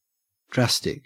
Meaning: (adjective) 1. Having a strong or far-reaching effect; extreme, severe 2. Acting rapidly or violently; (noun) A powerful, fast-acting purgative medicine
- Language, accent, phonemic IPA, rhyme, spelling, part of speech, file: English, Australia, /ˈdɹæs.tɪk/, -æstɪk, drastic, adjective / noun, En-au-drastic.ogg